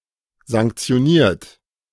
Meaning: 1. past participle of sanktionieren 2. inflection of sanktionieren: third-person singular present 3. inflection of sanktionieren: second-person plural present
- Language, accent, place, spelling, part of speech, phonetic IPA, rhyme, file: German, Germany, Berlin, sanktioniert, verb, [zaŋkt͡si̯oˈniːɐ̯t], -iːɐ̯t, De-sanktioniert.ogg